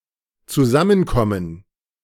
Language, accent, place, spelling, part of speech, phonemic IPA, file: German, Germany, Berlin, zusammenkommen, verb, /tsuˈzamənˌkɔmən/, De-zusammenkommen.ogg
- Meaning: to come/get together